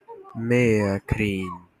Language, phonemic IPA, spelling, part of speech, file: Hunsrik, /ˈmeːɐˌkriːn/, Meergrien, noun, HRX-Meergrien.ogg
- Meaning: The color sea green